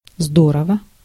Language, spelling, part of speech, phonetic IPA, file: Russian, здорово, adverb / adjective / interjection, [ˈzdorəvə], Ru-здорово.ogg
- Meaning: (adverb) 1. great, very well, awesomely 2. very strongly, to a very great extent; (adjective) it is great, it is awesome, it is cool; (interjection) great!, well done